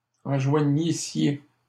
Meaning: second-person plural imperfect subjunctive of enjoindre
- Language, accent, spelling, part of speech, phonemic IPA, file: French, Canada, enjoignissiez, verb, /ɑ̃.ʒwa.ɲi.sje/, LL-Q150 (fra)-enjoignissiez.wav